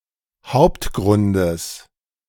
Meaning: genitive singular of Hauptgrund
- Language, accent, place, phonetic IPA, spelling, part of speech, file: German, Germany, Berlin, [ˈhaʊ̯ptˌɡʁʊndəs], Hauptgrundes, noun, De-Hauptgrundes.ogg